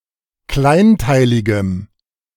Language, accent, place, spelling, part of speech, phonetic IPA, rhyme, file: German, Germany, Berlin, kleinteiligem, adjective, [ˈklaɪ̯nˌtaɪ̯lɪɡəm], -aɪ̯ntaɪ̯lɪɡəm, De-kleinteiligem.ogg
- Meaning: strong dative masculine/neuter singular of kleinteilig